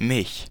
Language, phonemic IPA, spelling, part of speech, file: German, /mɪç/, mich, pronoun, De-mich.ogg
- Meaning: 1. accusative of ich: me 2. reflexive pronoun of ich: myself